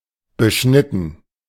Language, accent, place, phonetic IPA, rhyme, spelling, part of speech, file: German, Germany, Berlin, [bəˈʃnɪtn̩], -ɪtn̩, beschnitten, verb, De-beschnitten.ogg
- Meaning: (verb) past participle of beschneiden; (adjective) circumcised; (verb) inflection of beschneiden: 1. first/third-person plural preterite 2. first/third-person plural subjunctive II